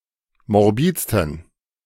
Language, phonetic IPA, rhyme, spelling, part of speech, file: German, [mɔʁˈbiːt͡stn̩], -iːt͡stn̩, morbidsten, adjective, De-morbidsten.ogg